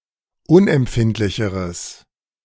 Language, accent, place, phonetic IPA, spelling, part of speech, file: German, Germany, Berlin, [ˈʊnʔɛmˌpfɪntlɪçəʁəs], unempfindlicheres, adjective, De-unempfindlicheres.ogg
- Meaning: strong/mixed nominative/accusative neuter singular comparative degree of unempfindlich